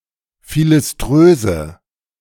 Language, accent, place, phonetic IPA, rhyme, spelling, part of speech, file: German, Germany, Berlin, [ˌfilɪsˈtʁøːzə], -øːzə, philiströse, adjective, De-philiströse.ogg
- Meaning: inflection of philiströs: 1. strong/mixed nominative/accusative feminine singular 2. strong nominative/accusative plural 3. weak nominative all-gender singular